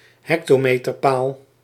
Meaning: a roadside location marker placed at intervals of 100 m (1 hm)
- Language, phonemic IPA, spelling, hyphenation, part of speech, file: Dutch, /ˈɦɛk.toː.meː.tərˌpaːl/, hectometerpaal, hec‧to‧me‧ter‧paal, noun, Nl-hectometerpaal.ogg